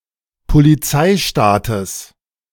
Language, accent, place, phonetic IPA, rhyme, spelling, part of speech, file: German, Germany, Berlin, [poliˈt͡saɪ̯ˌʃtaːtəs], -aɪ̯ʃtaːtəs, Polizeistaates, noun, De-Polizeistaates.ogg
- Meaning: genitive singular of Polizeistaat